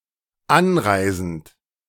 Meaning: present participle of anreisen
- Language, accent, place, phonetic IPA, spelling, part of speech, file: German, Germany, Berlin, [ˈanˌʁaɪ̯zn̩t], anreisend, verb, De-anreisend.ogg